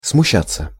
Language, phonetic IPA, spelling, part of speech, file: Russian, [smʊˈɕːat͡sːə], смущаться, verb, Ru-смущаться.ogg
- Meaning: 1. to be confused, to be embarrassed 2. passive of смуща́ть (smuščátʹ)